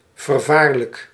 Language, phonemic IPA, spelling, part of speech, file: Dutch, /vərˈvarlək/, vervaarlijk, adjective, Nl-vervaarlijk.ogg
- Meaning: horrible, dreadful